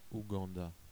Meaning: Uganda (a country in East Africa)
- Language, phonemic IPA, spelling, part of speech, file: French, /u.ɡɑ̃.da/, Ouganda, proper noun, Fr-Ouganda.ogg